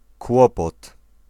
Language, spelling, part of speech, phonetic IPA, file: Polish, kłopot, noun, [ˈkwɔpɔt], Pl-kłopot.ogg